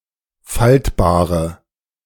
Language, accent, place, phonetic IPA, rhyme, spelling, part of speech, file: German, Germany, Berlin, [ˈfaltbaːʁə], -altbaːʁə, faltbare, adjective, De-faltbare.ogg
- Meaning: inflection of faltbar: 1. strong/mixed nominative/accusative feminine singular 2. strong nominative/accusative plural 3. weak nominative all-gender singular 4. weak accusative feminine/neuter singular